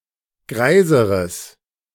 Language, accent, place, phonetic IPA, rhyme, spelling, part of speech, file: German, Germany, Berlin, [ˈɡʁaɪ̯zəʁəs], -aɪ̯zəʁəs, greiseres, adjective, De-greiseres.ogg
- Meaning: strong/mixed nominative/accusative neuter singular comparative degree of greis